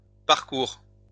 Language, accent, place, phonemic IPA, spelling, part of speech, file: French, France, Lyon, /paʁ.kuʁ/, parkour, noun, LL-Q150 (fra)-parkour.wav
- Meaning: parkour, free running